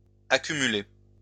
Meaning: inflection of accumuler: 1. second-person plural present indicative 2. second-person plural imperative
- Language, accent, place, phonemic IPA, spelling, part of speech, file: French, France, Lyon, /a.ky.my.le/, accumulez, verb, LL-Q150 (fra)-accumulez.wav